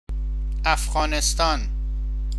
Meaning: Afghanistan (a landlocked country between Central Asia and South Asia)
- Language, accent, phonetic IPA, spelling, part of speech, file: Persian, Iran, [ʔæf.ɢɒː.nes.t̪ʰɒ́ːn], افغانستان, proper noun, Fa-افغانستان.ogg